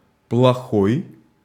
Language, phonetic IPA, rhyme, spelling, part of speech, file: Russian, [pɫɐˈxoj], -oj, плохой, adjective, Ru-плохой.ogg
- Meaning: 1. bad (not good) 2. ill, bad (ill, sick)